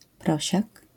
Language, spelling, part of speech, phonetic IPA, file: Polish, prosiak, noun, [ˈprɔɕak], LL-Q809 (pol)-prosiak.wav